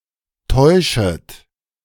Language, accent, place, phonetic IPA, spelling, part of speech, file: German, Germany, Berlin, [ˈtɔɪ̯ʃət], täuschet, verb, De-täuschet.ogg
- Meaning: second-person plural subjunctive I of täuschen